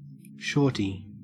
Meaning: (noun) 1. Something or someone that is shorter than normal 2. A term of endearment for a child, younger sibling, shorter person, etc 3. A child
- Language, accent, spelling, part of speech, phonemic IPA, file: English, Australia, shorty, noun / adjective / pronoun, /ˈʃoː.ti/, En-au-shorty.ogg